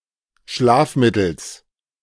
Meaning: genitive singular of Schlafmittel
- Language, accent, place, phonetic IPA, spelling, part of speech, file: German, Germany, Berlin, [ˈʃlaːfˌmɪtl̩s], Schlafmittels, noun, De-Schlafmittels.ogg